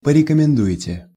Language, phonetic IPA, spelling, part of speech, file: Russian, [pərʲɪkəmʲɪnˈdu(j)ɪtʲe], порекомендуете, verb, Ru-порекомендуете.ogg
- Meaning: second-person plural future indicative perfective of порекомендова́ть (porekomendovátʹ)